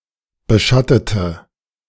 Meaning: inflection of beschatten: 1. first/third-person singular preterite 2. first/third-person singular subjunctive II
- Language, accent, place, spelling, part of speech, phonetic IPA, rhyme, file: German, Germany, Berlin, beschattete, adjective / verb, [bəˈʃatətə], -atətə, De-beschattete.ogg